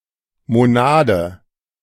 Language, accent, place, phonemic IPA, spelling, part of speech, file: German, Germany, Berlin, /moˈnaːdə/, Monade, noun, De-Monade.ogg
- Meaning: monad